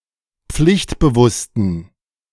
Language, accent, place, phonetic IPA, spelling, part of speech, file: German, Germany, Berlin, [ˈp͡flɪçtbəˌvʊstn̩], pflichtbewussten, adjective, De-pflichtbewussten.ogg
- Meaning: inflection of pflichtbewusst: 1. strong genitive masculine/neuter singular 2. weak/mixed genitive/dative all-gender singular 3. strong/weak/mixed accusative masculine singular 4. strong dative plural